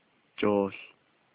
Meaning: ball
- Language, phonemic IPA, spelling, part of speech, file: Navajo, /t͡ʃòːɬ/, jooł, noun, Nv-jooł.ogg